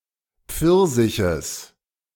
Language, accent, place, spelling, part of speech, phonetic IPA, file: German, Germany, Berlin, Pfirsiches, noun, [ˈp͡fɪʁzɪçəs], De-Pfirsiches.ogg
- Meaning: genitive of Pfirsich